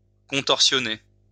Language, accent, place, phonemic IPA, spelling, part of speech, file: French, France, Lyon, /kɔ̃.tɔʁ.sjɔ.ne/, contorsionner, verb, LL-Q150 (fra)-contorsionner.wav
- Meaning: to contort